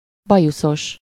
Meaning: 1. moustached, moustachioed (having moustache) 2. whiskered (having whiskers) 3. barbeled (having barbels) 4. awned (having awn)
- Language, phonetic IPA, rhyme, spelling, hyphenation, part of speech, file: Hungarian, [ˈbɒjusoʃ], -oʃ, bajuszos, ba‧ju‧szos, adjective, Hu-bajuszos.ogg